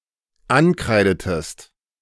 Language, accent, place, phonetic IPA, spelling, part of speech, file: German, Germany, Berlin, [ˈanˌkʁaɪ̯dətəst], ankreidetest, verb, De-ankreidetest.ogg
- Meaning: inflection of ankreiden: 1. second-person singular dependent preterite 2. second-person singular dependent subjunctive II